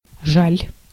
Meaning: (adjective) 1. it's a pity 2. one pities, one is sorry; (verb) second-person singular imperative imperfective of жа́лить (žálitʹ, “bite, sting”)
- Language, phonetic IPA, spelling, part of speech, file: Russian, [ʐalʲ], жаль, adjective / verb, Ru-жаль.ogg